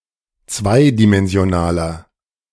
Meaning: inflection of zweidimensional: 1. strong/mixed nominative masculine singular 2. strong genitive/dative feminine singular 3. strong genitive plural
- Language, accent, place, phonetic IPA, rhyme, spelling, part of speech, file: German, Germany, Berlin, [ˈt͡svaɪ̯dimɛnzi̯oˌnaːlɐ], -aɪ̯dimɛnzi̯onaːlɐ, zweidimensionaler, adjective, De-zweidimensionaler.ogg